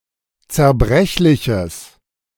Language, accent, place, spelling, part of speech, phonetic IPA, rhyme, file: German, Germany, Berlin, zerbrechliches, adjective, [t͡sɛɐ̯ˈbʁɛçlɪçəs], -ɛçlɪçəs, De-zerbrechliches.ogg
- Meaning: strong/mixed nominative/accusative neuter singular of zerbrechlich